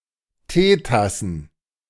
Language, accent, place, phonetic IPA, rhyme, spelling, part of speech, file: German, Germany, Berlin, [ˈteːtasn̩], -eːtasn̩, Teetassen, noun, De-Teetassen.ogg
- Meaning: plural of Teetasse